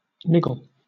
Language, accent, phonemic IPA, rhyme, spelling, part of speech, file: English, Southern England, /ˈnɪɡəl/, -ɪɡəl, niggle, noun / verb, LL-Q1860 (eng)-niggle.wav
- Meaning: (noun) 1. A minor complaint or problem 2. Small, cramped handwriting; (verb) 1. To trifle with; to deceive; to mock 2. To use, spend, or do in a petty or trifling manner